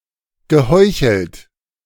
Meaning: past participle of heucheln
- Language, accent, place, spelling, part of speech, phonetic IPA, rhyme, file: German, Germany, Berlin, geheuchelt, verb, [ɡəˈhɔɪ̯çl̩t], -ɔɪ̯çl̩t, De-geheuchelt.ogg